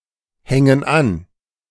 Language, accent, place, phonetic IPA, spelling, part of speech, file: German, Germany, Berlin, [ˌhɛŋən ˈan], hängen an, verb, De-hängen an.ogg
- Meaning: inflection of anhängen: 1. first/third-person plural present 2. first/third-person plural subjunctive I